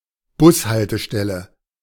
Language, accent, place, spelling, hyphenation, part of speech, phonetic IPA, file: German, Germany, Berlin, Bushaltestelle, Bus‧hal‧te‧stel‧le, noun, [ˈbʊshaltəˌʃtɛlə], De-Bushaltestelle.ogg
- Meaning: bus stop